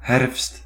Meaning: autumn, fall
- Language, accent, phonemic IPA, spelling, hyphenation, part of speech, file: Dutch, Netherlands, /ɦɛrfst/, herfst, herfst, noun, Nl-herfst.ogg